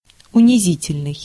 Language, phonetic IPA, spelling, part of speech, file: Russian, [ʊnʲɪˈzʲitʲɪlʲnɨj], унизительный, adjective, Ru-унизительный.ogg
- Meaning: humiliating, degrading